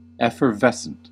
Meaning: 1. Giving off bubbles; fizzy 2. Vivacious and enthusiastic
- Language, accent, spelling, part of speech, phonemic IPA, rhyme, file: English, US, effervescent, adjective, /ˌɛfɚˈvɛsənt/, -ɛsənt, En-us-effervescent.ogg